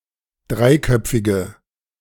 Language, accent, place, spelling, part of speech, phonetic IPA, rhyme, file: German, Germany, Berlin, dreiköpfige, adjective, [ˈdʁaɪ̯ˌkœp͡fɪɡə], -aɪ̯kœp͡fɪɡə, De-dreiköpfige.ogg
- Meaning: inflection of dreiköpfig: 1. strong/mixed nominative/accusative feminine singular 2. strong nominative/accusative plural 3. weak nominative all-gender singular